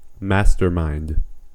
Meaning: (noun) 1. A person with an extraordinary intellect or skill that is markedly superior to their peers 2. A person responsible for the highest level of planning and execution of a major operation
- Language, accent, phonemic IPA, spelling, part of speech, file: English, US, /ˈmæs.tɚˌmaɪnd/, mastermind, noun / verb, En-us-mastermind.ogg